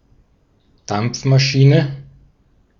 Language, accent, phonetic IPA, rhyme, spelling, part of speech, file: German, Austria, [ˈdamp͡fmaˌʃiːnə], -amp͡fmaʃiːnə, Dampfmaschine, noun, De-at-Dampfmaschine.ogg
- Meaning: steam engine